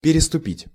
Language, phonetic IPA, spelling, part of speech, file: Russian, [pʲɪrʲɪstʊˈpʲitʲ], переступить, verb, Ru-переступить.ogg
- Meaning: 1. to step over, to overstep, to step 2. to transgress, to break